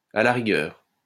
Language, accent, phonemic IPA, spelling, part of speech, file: French, France, /a la ʁi.ɡœʁ/, à la rigueur, adverb, LL-Q150 (fra)-à la rigueur.wav
- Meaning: in a pinch, at a pinch, if need be, at worst